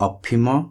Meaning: opium
- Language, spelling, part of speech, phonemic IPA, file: Odia, ଅଫିମ, noun, /ɔpʰimɔ/, Or-ଅଫିମ.flac